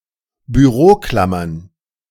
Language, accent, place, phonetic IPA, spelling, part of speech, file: German, Germany, Berlin, [byˈʁoːˌklamɐn], Büroklammern, noun, De-Büroklammern.ogg
- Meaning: plural of Büroklammer